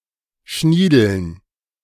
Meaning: dative plural of Schniedel
- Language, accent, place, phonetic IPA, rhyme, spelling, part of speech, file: German, Germany, Berlin, [ˈʃniːdl̩n], -iːdl̩n, Schniedeln, noun, De-Schniedeln.ogg